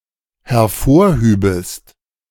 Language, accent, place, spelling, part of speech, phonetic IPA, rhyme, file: German, Germany, Berlin, hervorhübest, verb, [hɛɐ̯ˈfoːɐ̯ˌhyːbəst], -oːɐ̯hyːbəst, De-hervorhübest.ogg
- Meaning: second-person singular dependent subjunctive II of hervorheben